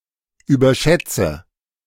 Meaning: inflection of überschätzen: 1. first-person singular present 2. first/third-person singular subjunctive I 3. singular imperative
- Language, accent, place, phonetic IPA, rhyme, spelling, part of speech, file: German, Germany, Berlin, [yːbɐˈʃɛt͡sə], -ɛt͡sə, überschätze, verb, De-überschätze.ogg